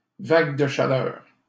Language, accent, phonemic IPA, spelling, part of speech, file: French, Canada, /vaɡ də ʃa.lœʁ/, vague de chaleur, noun, LL-Q150 (fra)-vague de chaleur.wav
- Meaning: heat wave, hot spell